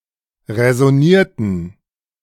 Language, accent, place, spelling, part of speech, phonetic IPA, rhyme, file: German, Germany, Berlin, räsonierten, verb, [ʁɛzɔˈniːɐ̯tn̩], -iːɐ̯tn̩, De-räsonierten.ogg
- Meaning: inflection of räsonieren: 1. first/third-person plural preterite 2. first/third-person plural subjunctive II